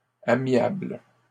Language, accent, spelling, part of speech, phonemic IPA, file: French, Canada, amiables, adjective, /a.mjabl/, LL-Q150 (fra)-amiables.wav
- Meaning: plural of amiable